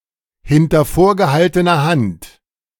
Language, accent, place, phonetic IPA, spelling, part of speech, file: German, Germany, Berlin, [ˌhɪntɐ foːɐ̯ɡəˌhaltənɐ ˈhant], hinter vorgehaltener Hand, phrase, De-hinter vorgehaltener Hand.ogg
- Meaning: off the record